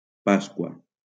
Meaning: 1. Easter 2. Pentecost
- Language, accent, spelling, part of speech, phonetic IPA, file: Catalan, Valencia, Pasqua, noun, [ˈpas.kwa], LL-Q7026 (cat)-Pasqua.wav